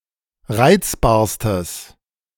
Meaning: strong/mixed nominative/accusative neuter singular superlative degree of reizbar
- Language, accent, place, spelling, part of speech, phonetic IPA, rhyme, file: German, Germany, Berlin, reizbarstes, adjective, [ˈʁaɪ̯t͡sbaːɐ̯stəs], -aɪ̯t͡sbaːɐ̯stəs, De-reizbarstes.ogg